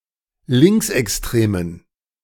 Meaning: inflection of linksextrem: 1. strong genitive masculine/neuter singular 2. weak/mixed genitive/dative all-gender singular 3. strong/weak/mixed accusative masculine singular 4. strong dative plural
- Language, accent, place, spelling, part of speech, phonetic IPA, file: German, Germany, Berlin, linksextremen, adjective, [ˈlɪŋksʔɛksˌtʁeːmən], De-linksextremen.ogg